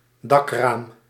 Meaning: roof window
- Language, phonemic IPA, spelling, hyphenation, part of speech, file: Dutch, /ˈdɑkraːm/, dakraam, dak‧raam, noun, Nl-dakraam.ogg